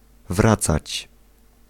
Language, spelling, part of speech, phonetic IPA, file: Polish, wracać, verb, [ˈvrat͡sat͡ɕ], Pl-wracać.ogg